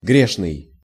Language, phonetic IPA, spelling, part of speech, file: Russian, [ˈɡrʲeʂnɨj], грешный, adjective, Ru-грешный.ogg
- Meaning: sinful